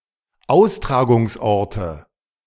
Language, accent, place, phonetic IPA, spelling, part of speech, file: German, Germany, Berlin, [ˈaʊ̯stʁaːɡʊŋsˌʔɔʁtə], Austragungsorte, noun, De-Austragungsorte.ogg
- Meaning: nominative/accusative/genitive plural of Austragungsort